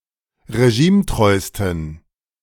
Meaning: 1. superlative degree of regimetreu 2. inflection of regimetreu: strong genitive masculine/neuter singular superlative degree
- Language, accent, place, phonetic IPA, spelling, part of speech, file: German, Germany, Berlin, [ʁeˈʒiːmˌtʁɔɪ̯stn̩], regimetreusten, adjective, De-regimetreusten.ogg